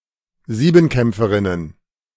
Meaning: plural of Siebenkämpferin
- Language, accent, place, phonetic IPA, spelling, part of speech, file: German, Germany, Berlin, [ˈziːbm̩ˌkɛmp͡fəʁɪnən], Siebenkämpferinnen, noun, De-Siebenkämpferinnen.ogg